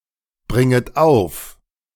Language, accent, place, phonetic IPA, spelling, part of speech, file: German, Germany, Berlin, [ˌbʁɪŋət ˈaʊ̯f], bringet auf, verb, De-bringet auf.ogg
- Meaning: second-person plural subjunctive I of aufbringen